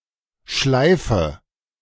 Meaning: inflection of schleifen: 1. first-person singular present 2. first/third-person singular subjunctive I 3. singular imperative
- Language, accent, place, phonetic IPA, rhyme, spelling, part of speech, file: German, Germany, Berlin, [ˈʃlaɪ̯fə], -aɪ̯fə, schleife, verb, De-schleife.ogg